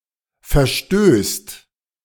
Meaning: second/third-person singular present of verstoßen
- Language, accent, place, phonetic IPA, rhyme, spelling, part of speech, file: German, Germany, Berlin, [fɛɐ̯ˈʃtøːst], -øːst, verstößt, verb, De-verstößt.ogg